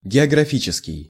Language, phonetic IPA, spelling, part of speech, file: Russian, [ɡʲɪəɡrɐˈfʲit͡ɕɪskʲɪj], географический, adjective, Ru-географический.ogg
- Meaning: geographical